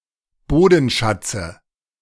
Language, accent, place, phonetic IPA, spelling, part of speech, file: German, Germany, Berlin, [ˈboːdn̩ˌʃat͡sə], Bodenschatze, noun, De-Bodenschatze.ogg
- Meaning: dative of Bodenschatz